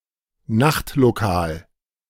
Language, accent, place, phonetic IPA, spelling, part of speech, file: German, Germany, Berlin, [ˈnaxtloˌkaːl], Nachtlokal, noun, De-Nachtlokal.ogg
- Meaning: nightclub, club, nightspot